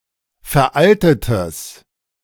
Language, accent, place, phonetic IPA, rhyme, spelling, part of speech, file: German, Germany, Berlin, [fɛɐ̯ˈʔaltətəs], -altətəs, veraltetes, adjective, De-veraltetes.ogg
- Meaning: strong/mixed nominative/accusative neuter singular of veraltet